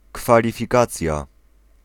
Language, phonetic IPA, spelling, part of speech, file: Polish, [ˌkfalʲifʲiˈkat͡sʲja], kwalifikacja, noun, Pl-kwalifikacja.ogg